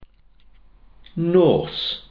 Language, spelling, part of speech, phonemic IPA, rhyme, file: Welsh, nos, noun, /noːs/, -oːs, Cy-nos.ogg
- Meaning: night, evening